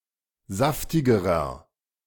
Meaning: inflection of saftig: 1. strong/mixed nominative masculine singular comparative degree 2. strong genitive/dative feminine singular comparative degree 3. strong genitive plural comparative degree
- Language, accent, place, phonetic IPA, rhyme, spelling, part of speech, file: German, Germany, Berlin, [ˈzaftɪɡəʁɐ], -aftɪɡəʁɐ, saftigerer, adjective, De-saftigerer.ogg